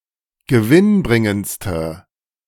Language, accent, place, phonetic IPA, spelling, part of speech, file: German, Germany, Berlin, [ɡəˈvɪnˌbʁɪŋənt͡stə], gewinnbringendste, adjective, De-gewinnbringendste.ogg
- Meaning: inflection of gewinnbringend: 1. strong/mixed nominative/accusative feminine singular superlative degree 2. strong nominative/accusative plural superlative degree